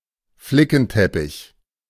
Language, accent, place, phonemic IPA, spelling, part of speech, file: German, Germany, Berlin, /ˈflɪkn̩tɛpɪç/, Flickenteppich, noun, De-Flickenteppich.ogg
- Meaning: 1. rag rug, patchwork rug 2. patchwork quilt